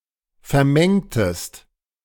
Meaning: inflection of vermengen: 1. second-person singular preterite 2. second-person singular subjunctive II
- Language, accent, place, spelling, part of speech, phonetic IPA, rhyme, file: German, Germany, Berlin, vermengtest, verb, [fɛɐ̯ˈmɛŋtəst], -ɛŋtəst, De-vermengtest.ogg